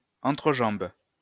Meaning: crotch (of person, clothing)
- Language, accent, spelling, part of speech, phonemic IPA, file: French, France, entrejambe, noun, /ɑ̃.tʁə.ʒɑ̃b/, LL-Q150 (fra)-entrejambe.wav